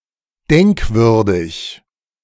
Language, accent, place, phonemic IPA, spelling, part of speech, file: German, Germany, Berlin, /ˈdɛŋkˌvʏʁdɪç/, denkwürdig, adjective, De-denkwürdig.ogg
- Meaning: 1. memorable, notable 2. strange, odd